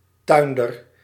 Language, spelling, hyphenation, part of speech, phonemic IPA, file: Dutch, tuinder, tuin‧der, noun, /ˈtœy̯n.dər/, Nl-tuinder.ogg
- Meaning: horticulturist (someone who professionally cultivates certain decorative or edible plants)